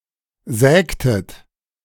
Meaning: inflection of sägen: 1. second-person plural preterite 2. second-person plural subjunctive II
- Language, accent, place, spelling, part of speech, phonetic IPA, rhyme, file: German, Germany, Berlin, sägtet, verb, [ˈzɛːktət], -ɛːktət, De-sägtet.ogg